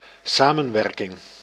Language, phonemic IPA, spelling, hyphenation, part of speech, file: Dutch, /ˈsaː.mə(n)ˌʋɛr.kɪŋ/, samenwerking, sa‧men‧wer‧king, noun, Nl-samenwerking.ogg
- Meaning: cooperation, working together, collaboration